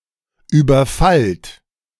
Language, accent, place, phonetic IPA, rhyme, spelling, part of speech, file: German, Germany, Berlin, [ˌyːbɐˈfalt], -alt, überfallt, verb, De-überfallt.ogg
- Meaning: inflection of überfallen: 1. second-person plural present 2. plural imperative